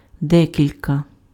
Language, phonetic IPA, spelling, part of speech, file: Ukrainian, [ˈdɛkʲilʲkɐ], декілька, determiner, Uk-декілька.ogg
- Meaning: several, some, a few